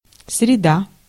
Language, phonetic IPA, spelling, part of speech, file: Russian, [srʲɪˈda], среда, noun, Ru-среда.ogg
- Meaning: 1. Wednesday 2. environment, surroundings, sphere 3. midst 4. medium